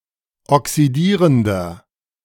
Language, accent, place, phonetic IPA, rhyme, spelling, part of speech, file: German, Germany, Berlin, [ɔksiˈdiːʁəndɐ], -iːʁəndɐ, oxidierender, adjective, De-oxidierender.ogg
- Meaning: inflection of oxidierend: 1. strong/mixed nominative masculine singular 2. strong genitive/dative feminine singular 3. strong genitive plural